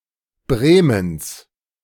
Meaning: genitive singular of Bremen
- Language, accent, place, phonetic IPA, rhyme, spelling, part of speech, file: German, Germany, Berlin, [ˈbʁeːməns], -eːməns, Bremens, noun, De-Bremens.ogg